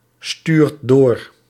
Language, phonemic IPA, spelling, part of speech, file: Dutch, /ˈstyrt ˈdor/, stuurt door, verb, Nl-stuurt door.ogg
- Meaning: inflection of doorsturen: 1. second/third-person singular present indicative 2. plural imperative